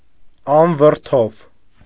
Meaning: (adjective) unperturbed, calm, peaceful; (adverb) imperturbably, calmly, peacefully
- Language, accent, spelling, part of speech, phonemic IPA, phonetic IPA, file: Armenian, Eastern Armenian, անվրդով, adjective / adverb, /ɑnvəɾˈtʰov/, [ɑnvəɾtʰóv], Hy-անվրդով.ogg